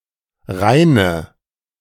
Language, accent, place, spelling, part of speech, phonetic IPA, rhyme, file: German, Germany, Berlin, reine, adjective, [ˈʁaɪ̯nə], -aɪ̯nə, De-reine.ogg
- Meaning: inflection of rein: 1. strong/mixed nominative/accusative feminine singular 2. strong nominative/accusative plural 3. weak nominative all-gender singular 4. weak accusative feminine/neuter singular